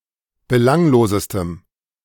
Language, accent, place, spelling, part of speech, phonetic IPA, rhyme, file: German, Germany, Berlin, belanglosestem, adjective, [bəˈlaŋloːzəstəm], -aŋloːzəstəm, De-belanglosestem.ogg
- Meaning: strong dative masculine/neuter singular superlative degree of belanglos